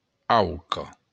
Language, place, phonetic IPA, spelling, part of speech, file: Occitan, Béarn, [ˈawko], auca, noun, LL-Q14185 (oci)-auca.wav
- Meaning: goose